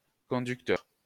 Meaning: 1. the driver of a vehicle or of a group of animated creatures 2. a conductor, substance which conducts 3. a cue sheet
- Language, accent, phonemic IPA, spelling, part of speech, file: French, France, /kɔ̃.dyk.tœʁ/, conducteur, noun, LL-Q150 (fra)-conducteur.wav